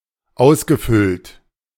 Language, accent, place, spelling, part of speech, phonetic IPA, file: German, Germany, Berlin, ausgefüllt, verb, [ˈaʊ̯sɡəˌfʏlt], De-ausgefüllt.ogg
- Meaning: past participle of ausfüllen